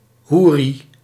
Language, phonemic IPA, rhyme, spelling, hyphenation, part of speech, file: Dutch, /ˈɦuː.ri/, -uːri, hoeri, hoe‧ri, noun, Nl-hoeri.ogg
- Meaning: houri